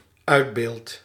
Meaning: first-person singular dependent-clause present indicative of uitbeelden
- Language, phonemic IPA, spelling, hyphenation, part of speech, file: Dutch, /ˈœy̯dˌbeːlt/, uitbeeld, uit‧beeld, verb, Nl-uitbeeld.ogg